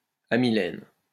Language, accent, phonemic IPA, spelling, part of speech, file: French, France, /a.mi.lɛn/, amylène, noun, LL-Q150 (fra)-amylène.wav
- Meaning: amylene